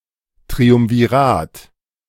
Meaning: triumvirate
- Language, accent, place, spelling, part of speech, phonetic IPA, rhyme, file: German, Germany, Berlin, Triumvirat, noun, [tʁiʊmviˈʁaːt], -aːt, De-Triumvirat.ogg